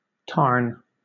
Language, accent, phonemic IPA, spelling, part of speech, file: English, Southern England, /tɑːn/, tarn, noun, LL-Q1860 (eng)-tarn.wav
- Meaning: 1. A small mountain lake, especially in Northern England 2. One of many small mountain lakes or ponds